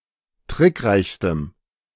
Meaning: strong dative masculine/neuter singular superlative degree of trickreich
- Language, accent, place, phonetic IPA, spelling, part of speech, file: German, Germany, Berlin, [ˈtʁɪkˌʁaɪ̯çstəm], trickreichstem, adjective, De-trickreichstem.ogg